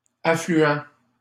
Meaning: masculine plural of affluent
- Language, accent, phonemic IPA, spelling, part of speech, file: French, Canada, /a.fly.ɑ̃/, affluents, adjective, LL-Q150 (fra)-affluents.wav